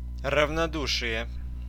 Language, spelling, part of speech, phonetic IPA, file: Russian, равнодушие, noun, [rəvnɐˈduʂɨje], Ru-равнодушие.ogg
- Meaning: indifference, unconcern, disregard